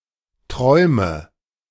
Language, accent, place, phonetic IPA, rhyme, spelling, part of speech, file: German, Germany, Berlin, [ˈtʁɔɪ̯mə], -ɔɪ̯mə, träume, verb, De-träume.ogg
- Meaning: inflection of träumen: 1. first-person singular present 2. first/third-person singular subjunctive I 3. singular imperative